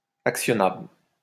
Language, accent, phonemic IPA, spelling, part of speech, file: French, France, /ak.sjɔ.nabl/, actionnable, adjective, LL-Q150 (fra)-actionnable.wav
- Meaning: actionable